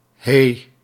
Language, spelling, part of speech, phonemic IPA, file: Dutch, hee, noun / interjection, /ɦe/, Nl-hee.ogg
- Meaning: alternative spelling of hé